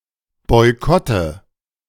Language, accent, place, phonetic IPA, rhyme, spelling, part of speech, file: German, Germany, Berlin, [ˌbɔɪ̯ˈkɔtə], -ɔtə, Boykotte, noun, De-Boykotte.ogg
- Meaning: nominative/accusative/genitive plural of Boykott